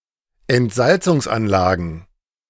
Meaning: plural of Entsalzungsanlage
- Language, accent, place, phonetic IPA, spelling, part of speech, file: German, Germany, Berlin, [ɛntˈzalt͡sʊŋsˌʔanlaːɡn̩], Entsalzungsanlagen, noun, De-Entsalzungsanlagen.ogg